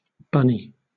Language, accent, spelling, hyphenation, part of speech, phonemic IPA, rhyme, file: English, Southern England, bunny, bun‧ny, noun / adjective, /ˈbʌni/, -ʌni, LL-Q1860 (eng)-bunny.wav
- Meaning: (noun) 1. A rabbit, especially a juvenile one 2. A bunny girl: a nightclub waitress who wears a costume having rabbit ears and tail